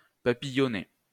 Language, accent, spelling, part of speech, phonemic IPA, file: French, France, papillonner, verb, /pa.pi.jɔ.ne/, LL-Q150 (fra)-papillonner.wav
- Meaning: to flit (from one to another)